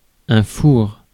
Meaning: 1. oven 2. stove 3. flop
- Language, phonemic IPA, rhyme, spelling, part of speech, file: French, /fuʁ/, -uʁ, four, noun, Fr-four.ogg